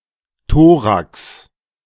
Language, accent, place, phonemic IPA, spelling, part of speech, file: German, Germany, Berlin, /ˈtoːʁaks/, Thorax, noun, De-Thorax.ogg
- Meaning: 1. thorax (region of the mammalian body) 2. thorax (middle division of certain arthropods)